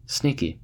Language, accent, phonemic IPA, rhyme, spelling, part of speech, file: English, US, /ˈsniːki/, -iːki, sneaky, adjective / noun, En-us-sneaky.ogg
- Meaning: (adjective) 1. Elusive; difficult to capture or observe due to constantly outwitting the adversaries 2. Dishonest; deceitful; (noun) Any device used for covert surveillance